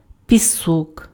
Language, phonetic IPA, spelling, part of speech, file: Ukrainian, [pʲiˈsɔk], пісок, noun, Uk-пісок.ogg
- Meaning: 1. sand (finely ground rock) 2. granulated sugar (ordinary white sugar having a relatively large crystal size)